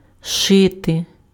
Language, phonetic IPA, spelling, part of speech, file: Ukrainian, [ˈʃɪte], шити, verb, Uk-шити.ogg
- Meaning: to sew